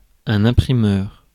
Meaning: printer; operator of a printing press
- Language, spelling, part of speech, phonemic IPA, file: French, imprimeur, noun, /ɛ̃.pʁi.mœʁ/, Fr-imprimeur.ogg